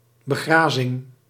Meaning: grazing
- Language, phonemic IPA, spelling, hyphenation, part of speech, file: Dutch, /bəˈɣraː.zɪŋ/, begrazing, be‧gra‧zing, noun, Nl-begrazing.ogg